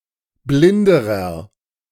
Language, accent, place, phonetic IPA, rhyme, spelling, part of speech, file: German, Germany, Berlin, [ˈblɪndəʁɐ], -ɪndəʁɐ, blinderer, adjective, De-blinderer.ogg
- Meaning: inflection of blind: 1. strong/mixed nominative masculine singular comparative degree 2. strong genitive/dative feminine singular comparative degree 3. strong genitive plural comparative degree